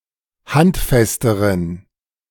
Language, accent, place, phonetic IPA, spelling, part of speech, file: German, Germany, Berlin, [ˈhantˌfɛstəʁən], handfesteren, adjective, De-handfesteren.ogg
- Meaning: inflection of handfest: 1. strong genitive masculine/neuter singular comparative degree 2. weak/mixed genitive/dative all-gender singular comparative degree